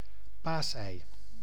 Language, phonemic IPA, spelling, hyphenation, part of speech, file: Dutch, /ˈpaːs.ɛi̯/, paasei, paas‧ei, noun, Nl-paasei.ogg
- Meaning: 1. Easter egg (dyed or decorated egg) 2. Easter egg (egg-shaped chocolate confection)